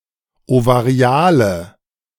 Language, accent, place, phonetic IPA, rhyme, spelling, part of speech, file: German, Germany, Berlin, [ovaˈʁi̯aːlə], -aːlə, ovariale, adjective, De-ovariale.ogg
- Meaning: inflection of ovarial: 1. strong/mixed nominative/accusative feminine singular 2. strong nominative/accusative plural 3. weak nominative all-gender singular 4. weak accusative feminine/neuter singular